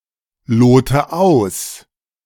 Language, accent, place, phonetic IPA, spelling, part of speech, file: German, Germany, Berlin, [ˌloːtə ˈaʊ̯s], lote aus, verb, De-lote aus.ogg
- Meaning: inflection of ausloten: 1. first-person singular present 2. first/third-person singular subjunctive I 3. singular imperative